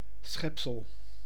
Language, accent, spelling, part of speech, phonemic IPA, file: Dutch, Netherlands, schepsel, noun, /ˈsxɛp.səl/, Nl-schepsel.ogg
- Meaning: 1. creature, a life form (believed to be created in most religious traditions) 2. wretch; vulnerable, contemptible, or miserable individual